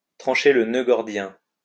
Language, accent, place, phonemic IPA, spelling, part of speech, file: French, France, Lyon, /tʁɑ̃.ʃe l(ə) nø ɡɔʁ.djɛ̃/, trancher le nœud gordien, verb, LL-Q150 (fra)-trancher le nœud gordien.wav
- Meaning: to cut the Gordian knot